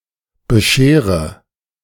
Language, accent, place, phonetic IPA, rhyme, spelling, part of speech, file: German, Germany, Berlin, [bəˈʃeːʁə], -eːʁə, beschere, verb, De-beschere.ogg
- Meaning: inflection of bescheren: 1. first-person singular present 2. first/third-person singular subjunctive I 3. singular imperative